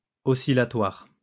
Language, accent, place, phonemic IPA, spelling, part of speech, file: French, France, Lyon, /ɔ.si.la.twaʁ/, oscillatoire, adjective, LL-Q150 (fra)-oscillatoire.wav
- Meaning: oscillatory